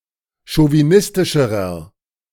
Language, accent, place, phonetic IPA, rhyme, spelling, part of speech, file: German, Germany, Berlin, [ʃoviˈnɪstɪʃəʁɐ], -ɪstɪʃəʁɐ, chauvinistischerer, adjective, De-chauvinistischerer.ogg
- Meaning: inflection of chauvinistisch: 1. strong/mixed nominative masculine singular comparative degree 2. strong genitive/dative feminine singular comparative degree